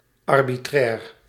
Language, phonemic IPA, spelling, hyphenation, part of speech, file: Dutch, /ɑr.biˈtrɛːr/, arbitrair, ar‧bi‧trair, adjective, Nl-arbitrair.ogg
- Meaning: 1. arbitrary; not confined by procedure or law, but depending on irregularities such as impulse, personal preference or whim 2. arbitrary; pertaining to any possible option